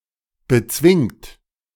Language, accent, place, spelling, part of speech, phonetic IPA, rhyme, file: German, Germany, Berlin, bezwingt, verb, [bəˈt͡svɪŋt], -ɪŋt, De-bezwingt.ogg
- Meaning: inflection of bezwingen: 1. third-person singular present 2. second-person plural present 3. plural imperative